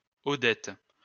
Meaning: a female given name
- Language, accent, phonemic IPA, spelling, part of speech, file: French, France, /ɔ.dɛt/, Odette, proper noun, LL-Q150 (fra)-Odette.wav